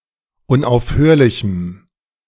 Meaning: strong dative masculine/neuter singular of unaufhörlich
- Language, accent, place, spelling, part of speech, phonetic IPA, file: German, Germany, Berlin, unaufhörlichem, adjective, [ʊnʔaʊ̯fˈhøːɐ̯lɪçm̩], De-unaufhörlichem.ogg